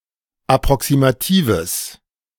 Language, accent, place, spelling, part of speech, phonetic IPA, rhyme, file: German, Germany, Berlin, approximatives, adjective, [apʁɔksimaˈtiːvəs], -iːvəs, De-approximatives.ogg
- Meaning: strong/mixed nominative/accusative neuter singular of approximativ